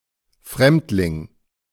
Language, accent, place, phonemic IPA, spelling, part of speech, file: German, Germany, Berlin, /ˈfʁɛmtlɪŋ/, Fremdling, noun, De-Fremdling.ogg
- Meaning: 1. stranger 2. foreigner, alien